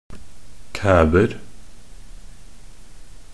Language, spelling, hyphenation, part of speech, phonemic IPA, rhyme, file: Norwegian Bokmål, kæber, kæ‧ber, noun, /ˈkæːbər/, -ər, Nb-kæber.ogg
- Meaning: indefinite plural of kæbe